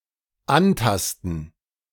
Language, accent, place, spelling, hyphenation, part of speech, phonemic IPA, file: German, Germany, Berlin, antasten, an‧tas‧ten, verb, /ˈanˌtastn̩/, De-antasten.ogg
- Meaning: to touch